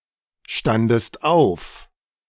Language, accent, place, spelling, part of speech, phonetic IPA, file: German, Germany, Berlin, standest auf, verb, [ˌʃtandəst ˈaʊ̯f], De-standest auf.ogg
- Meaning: second-person singular preterite of aufstehen